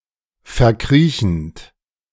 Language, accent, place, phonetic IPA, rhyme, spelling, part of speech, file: German, Germany, Berlin, [fɛɐ̯ˈkʁiːçn̩t], -iːçn̩t, verkriechend, verb, De-verkriechend.ogg
- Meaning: present participle of verkriechen